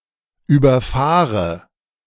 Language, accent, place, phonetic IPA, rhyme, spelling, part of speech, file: German, Germany, Berlin, [yːbɐˈfaːʁə], -aːʁə, überfahre, verb, De-überfahre.ogg
- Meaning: inflection of überfahren: 1. first-person singular present 2. first/third-person singular subjunctive I 3. singular imperative